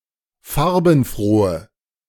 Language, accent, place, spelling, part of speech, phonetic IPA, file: German, Germany, Berlin, farbenfrohe, adjective, [ˈfaʁbn̩ˌfʁoːə], De-farbenfrohe.ogg
- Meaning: inflection of farbenfroh: 1. strong/mixed nominative/accusative feminine singular 2. strong nominative/accusative plural 3. weak nominative all-gender singular